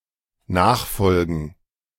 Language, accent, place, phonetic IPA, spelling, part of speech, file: German, Germany, Berlin, [ˈnaːxˌfɔlɡn̩], Nachfolgen, noun, De-Nachfolgen.ogg
- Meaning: plural of Nachfolge